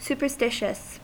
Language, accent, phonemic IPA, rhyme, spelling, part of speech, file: English, US, /ˌs(j)u.pɚˈstɪ.ʃəs/, -ɪʃəs, superstitious, adjective, En-us-superstitious.ogg
- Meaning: 1. Susceptible to superstitions 2. Arising from or having the character of superstitions 3. Overexact; unnecessarily scrupulous